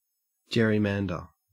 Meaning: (verb) To divide a geographic area into voting districts in such a way as to give an unfair advantage to one party in an election
- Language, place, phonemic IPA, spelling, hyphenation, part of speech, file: English, Queensland, /ˈd͡ʒeɹiˌmændə/, gerrymander, ger‧ry‧man‧der, verb / noun, En-au-gerrymander.ogg